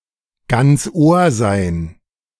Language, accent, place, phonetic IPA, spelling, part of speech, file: German, Germany, Berlin, [ɡant͡s oːɐ̯ zaɪ̯n], ganz Ohr sein, phrase, De-ganz Ohr sein.ogg
- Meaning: to be all ears (to listen carefully or eagerly; to anticipate)